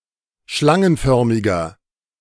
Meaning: 1. comparative degree of schlangenförmig 2. inflection of schlangenförmig: strong/mixed nominative masculine singular 3. inflection of schlangenförmig: strong genitive/dative feminine singular
- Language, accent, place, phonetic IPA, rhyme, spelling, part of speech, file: German, Germany, Berlin, [ˈʃlaŋənˌfœʁmɪɡɐ], -aŋənfœʁmɪɡɐ, schlangenförmiger, adjective, De-schlangenförmiger.ogg